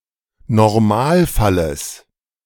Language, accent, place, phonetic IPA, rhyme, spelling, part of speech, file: German, Germany, Berlin, [nɔʁˈmaːlˌfaləs], -aːlfaləs, Normalfalles, noun, De-Normalfalles.ogg
- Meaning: genitive singular of Normalfall